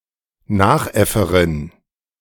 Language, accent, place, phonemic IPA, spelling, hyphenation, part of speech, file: German, Germany, Berlin, /ˈnaːxˌ.ɛfəʁɪn/, Nachäfferin, Nach‧äf‧fe‧rin, noun, De-Nachäfferin.ogg
- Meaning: female equivalent of Nachäffer